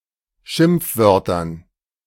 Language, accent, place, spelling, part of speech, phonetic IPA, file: German, Germany, Berlin, Schimpfwörtern, noun, [ˈʃɪmp͡fˌvœʁtɐn], De-Schimpfwörtern.ogg
- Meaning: dative plural of Schimpfwort